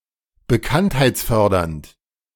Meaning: promoting fame or familiarity
- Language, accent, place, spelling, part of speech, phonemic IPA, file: German, Germany, Berlin, bekanntheitsfördernd, adjective, /bəˈkanthaɪ̯t͡sˌfœʁdɐnt/, De-bekanntheitsfördernd.ogg